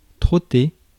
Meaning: to trot
- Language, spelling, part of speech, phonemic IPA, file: French, trotter, verb, /tʁɔ.te/, Fr-trotter.ogg